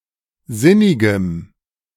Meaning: strong dative masculine/neuter singular of sinnig
- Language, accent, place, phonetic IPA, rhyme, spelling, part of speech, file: German, Germany, Berlin, [ˈzɪnɪɡəm], -ɪnɪɡəm, sinnigem, adjective, De-sinnigem.ogg